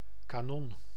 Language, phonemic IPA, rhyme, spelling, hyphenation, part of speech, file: Dutch, /kaːˈnɔn/, -ɔn, kanon, ka‧non, noun, Nl-kanon.ogg
- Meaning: cannon (weapon)